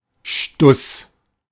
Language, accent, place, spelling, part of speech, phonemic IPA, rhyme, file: German, Germany, Berlin, Stuss, noun, /ʃtʊs/, -ʊs, De-Stuss.ogg
- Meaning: drivel, verbal nonsense